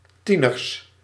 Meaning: plural of tiener
- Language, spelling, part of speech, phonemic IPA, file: Dutch, tieners, noun, /ˈtinərs/, Nl-tieners.ogg